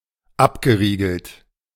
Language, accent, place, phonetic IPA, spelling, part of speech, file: German, Germany, Berlin, [ˈapɡəˌʁiːɡl̩t], abgeriegelt, verb, De-abgeriegelt.ogg
- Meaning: past participle of abriegeln